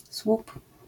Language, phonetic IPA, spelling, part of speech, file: Polish, [swup], słup, noun, LL-Q809 (pol)-słup.wav